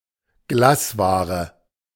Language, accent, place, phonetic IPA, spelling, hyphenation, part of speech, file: German, Germany, Berlin, [ˈɡlaːsˌvaːʁə], Glasware, Glas‧wa‧re, noun, De-Glasware.ogg
- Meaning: glassware